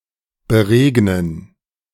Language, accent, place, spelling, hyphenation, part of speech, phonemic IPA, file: German, Germany, Berlin, beregnen, be‧reg‧nen, verb, /bəˈʁeːɡnən/, De-beregnen.ogg
- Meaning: to water